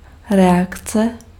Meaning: reaction
- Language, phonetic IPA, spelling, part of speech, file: Czech, [ˈrɛakt͡sɛ], reakce, noun, Cs-reakce.ogg